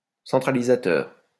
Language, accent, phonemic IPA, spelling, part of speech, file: French, France, /sɑ̃.tʁa.li.za.tœʁ/, centralisateur, adjective / noun, LL-Q150 (fra)-centralisateur.wav
- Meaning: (adjective) centralizing (tending to centralize); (noun) centralizer